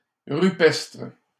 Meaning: rocky
- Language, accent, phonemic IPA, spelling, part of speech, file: French, Canada, /ʁy.pɛstʁ/, rupestre, adjective, LL-Q150 (fra)-rupestre.wav